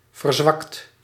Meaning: 1. inflection of verzwakken: second/third-person singular present indicative 2. inflection of verzwakken: plural imperative 3. past participle of verzwakken
- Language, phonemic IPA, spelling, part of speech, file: Dutch, /vərˈzwɑkt/, verzwakt, verb, Nl-verzwakt.ogg